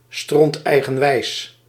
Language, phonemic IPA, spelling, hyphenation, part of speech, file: Dutch, /ˌstrɔnt.ɛi̯.ɣə(n)ˈʋɛi̯s/, stronteigenwijs, stront‧ei‧gen‧wijs, adjective, Nl-stronteigenwijs.ogg
- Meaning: extremely stubborn